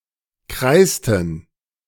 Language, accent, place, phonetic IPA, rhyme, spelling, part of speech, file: German, Germany, Berlin, [ˈkʁaɪ̯stn̩], -aɪ̯stn̩, kreisten, verb, De-kreisten.ogg
- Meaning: inflection of kreisen: 1. first/third-person plural preterite 2. first/third-person plural subjunctive II